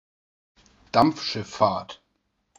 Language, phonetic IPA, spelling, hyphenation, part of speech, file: German, [ˈdamp͡fʃɪfˌfaːɐ̯t], Dampfschifffahrt, Dampf‧schiff‧fahrt, noun, De-Dampfschifffahrt.ogg
- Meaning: steam navigation